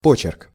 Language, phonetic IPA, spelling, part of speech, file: Russian, [ˈpot͡ɕɪrk], почерк, noun, Ru-почерк.ogg
- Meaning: 1. handwriting, hand (style of penmanship) 2. hand, style